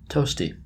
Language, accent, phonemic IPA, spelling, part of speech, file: English, US, /ˈtoʊsti/, toasty, adjective / noun, En-us-toasty.oga
- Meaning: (adjective) 1. Resembling or characteristic of toast 2. Pleasantly warm; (noun) Alternative form of toastie